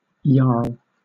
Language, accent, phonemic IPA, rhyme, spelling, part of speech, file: English, Southern England, /jɑː(ɹ)l/, -ɑː(ɹ)l, yarl, noun / verb, LL-Q1860 (eng)-yarl.wav
- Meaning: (noun) A deep, guttural vocal style with affected pronunciation, characteristic of male grunge and postgrunge singers of the 1990s and early 2000s; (verb) To sing in this manner